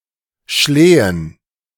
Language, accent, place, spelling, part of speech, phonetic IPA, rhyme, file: German, Germany, Berlin, Schlehen, noun, [ˈʃleːən], -eːən, De-Schlehen.ogg
- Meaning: plural of Schlehe